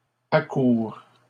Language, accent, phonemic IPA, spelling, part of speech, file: French, Canada, /a.kuʁ/, accoures, verb, LL-Q150 (fra)-accoures.wav
- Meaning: second-person singular present subjunctive of accourir